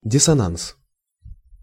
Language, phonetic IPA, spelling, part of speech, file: Russian, [dʲɪs(ː)ɐˈnans], диссонанс, noun, Ru-диссонанс.ogg
- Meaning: dissonance